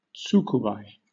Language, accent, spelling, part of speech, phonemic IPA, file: English, Southern England, tsukubai, noun, /ˈ(t)suːkuːˌbaɪ/, LL-Q1860 (eng)-tsukubai.wav
- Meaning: A small basin, usually of stone, used for ritual ablution in Japanese Buddhist temples and before the tea ceremony